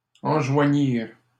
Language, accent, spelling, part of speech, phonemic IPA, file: French, Canada, enjoignirent, verb, /ɑ̃.ʒwa.ɲiʁ/, LL-Q150 (fra)-enjoignirent.wav
- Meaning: third-person plural past historic of enjoindre